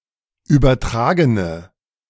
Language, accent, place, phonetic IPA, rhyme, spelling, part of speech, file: German, Germany, Berlin, [ˌyːbɐˈtʁaːɡənə], -aːɡənə, übertragene, adjective, De-übertragene.ogg
- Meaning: inflection of übertragen: 1. strong/mixed nominative/accusative feminine singular 2. strong nominative/accusative plural 3. weak nominative all-gender singular